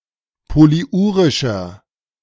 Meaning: inflection of polyurisch: 1. strong/mixed nominative masculine singular 2. strong genitive/dative feminine singular 3. strong genitive plural
- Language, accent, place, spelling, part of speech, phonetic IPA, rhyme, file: German, Germany, Berlin, polyurischer, adjective, [poliˈʔuːʁɪʃɐ], -uːʁɪʃɐ, De-polyurischer.ogg